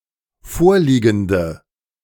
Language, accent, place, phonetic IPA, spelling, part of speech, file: German, Germany, Berlin, [ˈfoːɐ̯ˌliːɡn̩də], vorliegende, adjective, De-vorliegende.ogg
- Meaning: inflection of vorliegend: 1. strong/mixed nominative/accusative feminine singular 2. strong nominative/accusative plural 3. weak nominative all-gender singular